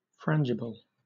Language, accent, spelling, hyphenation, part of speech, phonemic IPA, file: English, Southern England, frangible, fran‧gi‧ble, adjective / noun, /ˈfɹæn(d)ʒɪb(ə)l/, LL-Q1860 (eng)-frangible.wav
- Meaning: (adjective) Able to be broken; breakable, fragile; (noun) Something that is breakable or fragile; especially something that is intentionally made so, such as a bullet